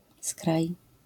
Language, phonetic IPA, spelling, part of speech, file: Polish, [skraj], skraj, noun, LL-Q809 (pol)-skraj.wav